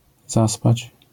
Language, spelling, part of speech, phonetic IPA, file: Polish, zaspać, verb, [ˈzaspat͡ɕ], LL-Q809 (pol)-zaspać.wav